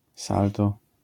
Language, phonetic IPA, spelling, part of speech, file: Polish, [ˈsaltɔ], salto, noun, LL-Q809 (pol)-salto.wav